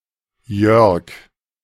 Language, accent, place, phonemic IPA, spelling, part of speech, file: German, Germany, Berlin, /jœʁk/, Jörg, proper noun, De-Jörg.ogg
- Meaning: a male given name, variant of Georg